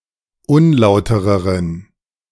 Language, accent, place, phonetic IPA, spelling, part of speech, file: German, Germany, Berlin, [ˈʊnˌlaʊ̯təʁəʁən], unlautereren, adjective, De-unlautereren.ogg
- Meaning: inflection of unlauter: 1. strong genitive masculine/neuter singular comparative degree 2. weak/mixed genitive/dative all-gender singular comparative degree